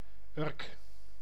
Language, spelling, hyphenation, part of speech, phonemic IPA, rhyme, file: Dutch, Urk, Urk, proper noun, /ʏrk/, -ʏrk, Nl-Urk.ogg
- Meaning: Urk (a village, municipality, and former island in Flevoland, Netherlands)